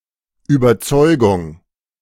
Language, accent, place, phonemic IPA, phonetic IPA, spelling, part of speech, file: German, Germany, Berlin, /ˌyːbəʁˈtsɔʏ̯ɡʊŋ/, [ˌʔyːbɐˈtsɔʏ̯ɡʊŋ], Überzeugung, noun, De-Überzeugung.ogg
- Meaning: 1. conviction, belief 2. persuasion, convincing